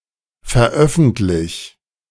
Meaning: 1. singular imperative of veröffentlichen 2. first-person singular present of veröffentlichen
- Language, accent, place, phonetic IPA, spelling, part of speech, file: German, Germany, Berlin, [fɛɐ̯ˈʔœfn̩tlɪç], veröffentlich, verb, De-veröffentlich.ogg